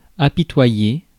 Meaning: 1. to make (someone) feel pity for (something) 2. to feel sorry for
- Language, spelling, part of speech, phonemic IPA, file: French, apitoyer, verb, /a.pi.twa.je/, Fr-apitoyer.ogg